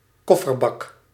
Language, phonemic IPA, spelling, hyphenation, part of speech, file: Dutch, /ˈkɔ.fərˌbɑk/, kofferbak, kof‧fer‧bak, noun, Nl-kofferbak.ogg
- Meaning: a luggage compartment in a car; trunk, boot